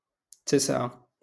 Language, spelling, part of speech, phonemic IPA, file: Moroccan Arabic, تسعة, numeral, /tis.ʕa/, LL-Q56426 (ary)-تسعة.wav
- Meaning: nine